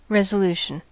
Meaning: 1. A firm decision or an official decision 2. A strong will; the state of being resolute 3. A statement of intent, a vow 4. The act of discerning detail
- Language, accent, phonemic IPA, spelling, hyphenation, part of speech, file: English, General American, /ˌɹɛzəˈluːʃ(ə)n/, resolution, re‧so‧lu‧tion, noun, En-us-resolution.ogg